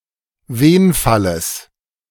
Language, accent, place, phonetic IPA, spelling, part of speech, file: German, Germany, Berlin, [ˈveːnfaləs], Wenfalles, noun, De-Wenfalles.ogg
- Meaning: genitive singular of Wenfall